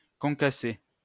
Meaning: 1. to crush, to grind, to reduce (a hard or dry substance like sugar or pepper) to small pieces, as with a pestle or hammer 2. to dice (a tomato) after removing seeds and skin
- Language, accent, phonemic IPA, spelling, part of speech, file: French, France, /kɔ̃.ka.se/, concasser, verb, LL-Q150 (fra)-concasser.wav